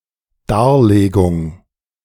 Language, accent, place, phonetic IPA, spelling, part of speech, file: German, Germany, Berlin, [ˈdaːɐ̯ˌleːɡʊŋ], Darlegung, noun, De-Darlegung.ogg
- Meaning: 1. explanation, analysis 2. presentation, statement (of facts, etc.)